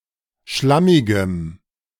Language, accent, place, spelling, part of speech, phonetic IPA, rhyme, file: German, Germany, Berlin, schlammigem, adjective, [ˈʃlamɪɡəm], -amɪɡəm, De-schlammigem.ogg
- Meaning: strong dative masculine/neuter singular of schlammig